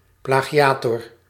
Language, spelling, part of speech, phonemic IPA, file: Dutch, plagiator, noun, /ˌplaɣiˈjatɔr/, Nl-plagiator.ogg
- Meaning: plagiarist